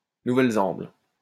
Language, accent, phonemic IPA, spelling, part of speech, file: French, France, /nu.vɛl.zɑ̃bl/, Nouvelle-Zemble, proper noun, LL-Q150 (fra)-Nouvelle-Zemble.wav
- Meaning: Novaya Zemlya (an archipelago of Russia)